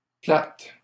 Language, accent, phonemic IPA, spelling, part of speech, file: French, Canada, /plat/, plates, adjective, LL-Q150 (fra)-plates.wav
- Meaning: 1. feminine plural of plat 2. plural of plate